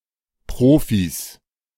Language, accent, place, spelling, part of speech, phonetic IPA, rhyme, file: German, Germany, Berlin, Profis, noun, [ˈpʁoːfis], -oːfis, De-Profis.ogg
- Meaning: plural of Profi